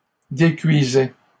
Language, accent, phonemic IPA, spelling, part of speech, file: French, Canada, /de.kɥi.zɛ/, décuisait, verb, LL-Q150 (fra)-décuisait.wav
- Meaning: third-person singular imperfect indicative of décuire